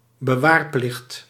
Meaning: retention obligation (legal requirement to retain data, objects, etc.)
- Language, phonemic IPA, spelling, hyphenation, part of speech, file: Dutch, /bəˈʋaːrˌplɪxt/, bewaarplicht, be‧waar‧plicht, noun, Nl-bewaarplicht.ogg